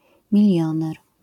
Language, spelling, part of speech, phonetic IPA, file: Polish, milioner, noun, [mʲiˈlʲjɔ̃nɛr], LL-Q809 (pol)-milioner.wav